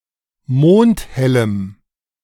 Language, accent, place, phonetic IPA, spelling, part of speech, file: German, Germany, Berlin, [ˈmoːnthɛləm], mondhellem, adjective, De-mondhellem.ogg
- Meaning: strong dative masculine/neuter singular of mondhell